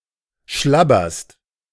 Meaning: second-person singular present of schlabbern
- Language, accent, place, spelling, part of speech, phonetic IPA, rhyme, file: German, Germany, Berlin, schlabberst, verb, [ˈʃlabɐst], -abɐst, De-schlabberst.ogg